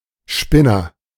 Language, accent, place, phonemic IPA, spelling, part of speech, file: German, Germany, Berlin, /ˈʃpɪnɐ/, Spinner, noun, De-Spinner.ogg
- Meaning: agent noun of spinnen: 1. spinner (someone who makes yarn) 2. idiot, freak, oddball, nut (an unusual, eccentric, crazy person, especially someone with unreasonable, absurd ideas)